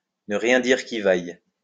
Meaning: not to look good, not to bode well
- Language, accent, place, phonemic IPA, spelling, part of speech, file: French, France, Lyon, /nə ʁjɛ̃ diʁ ki vaj/, ne rien dire qui vaille, verb, LL-Q150 (fra)-ne rien dire qui vaille.wav